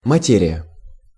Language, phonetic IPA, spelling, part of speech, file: Russian, [mɐˈtʲerʲɪjə], материя, noun, Ru-материя.ogg
- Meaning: 1. substance, matter 2. fabric, material, cloth